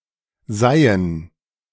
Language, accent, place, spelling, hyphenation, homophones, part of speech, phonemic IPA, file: German, Germany, Berlin, seien, sei‧en, seihen, verb, /ˈzaɪ̯ən/, De-seien.ogg
- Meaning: first/third-person plural subjunctive I of sein